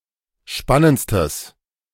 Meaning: strong/mixed nominative/accusative neuter singular superlative degree of spannend
- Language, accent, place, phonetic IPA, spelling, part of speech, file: German, Germany, Berlin, [ˈʃpanənt͡stəs], spannendstes, adjective, De-spannendstes.ogg